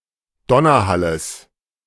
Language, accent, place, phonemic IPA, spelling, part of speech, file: German, Germany, Berlin, /ˈdɔnɐˌhaləs/, Donnerhalles, noun, De-Donnerhalles.ogg
- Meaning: genitive singular of Donnerhall